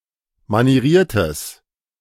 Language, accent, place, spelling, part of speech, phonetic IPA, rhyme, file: German, Germany, Berlin, manieriertes, adjective, [maniˈʁiːɐ̯təs], -iːɐ̯təs, De-manieriertes.ogg
- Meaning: strong/mixed nominative/accusative neuter singular of manieriert